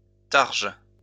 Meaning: targe, buckler
- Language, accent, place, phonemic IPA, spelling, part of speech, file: French, France, Lyon, /taʁʒ/, targe, noun, LL-Q150 (fra)-targe.wav